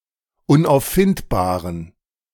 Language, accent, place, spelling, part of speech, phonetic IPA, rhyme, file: German, Germany, Berlin, unauffindbaren, adjective, [ʊnʔaʊ̯fˈfɪntbaːʁən], -ɪntbaːʁən, De-unauffindbaren.ogg
- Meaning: inflection of unauffindbar: 1. strong genitive masculine/neuter singular 2. weak/mixed genitive/dative all-gender singular 3. strong/weak/mixed accusative masculine singular 4. strong dative plural